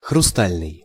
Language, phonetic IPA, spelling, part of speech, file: Russian, [xrʊˈstalʲnɨj], хрустальный, adjective, Ru-хрустальный.ogg
- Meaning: 1. crystal, cut glass (relating to glass with a high refractive index or to fine glassware made of such glass) 2. rock crystal